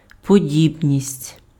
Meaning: similarity, likeness, resemblance (quality of being similar)
- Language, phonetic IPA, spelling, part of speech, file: Ukrainian, [poˈdʲibnʲisʲtʲ], подібність, noun, Uk-подібність.ogg